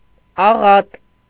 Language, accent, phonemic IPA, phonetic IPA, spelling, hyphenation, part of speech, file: Armenian, Eastern Armenian, /ɑˈʁɑt/, [ɑʁɑ́t], աղատ, ա‧ղատ, noun, Hy-աղատ.ogg
- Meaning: 1. supplication 2. caress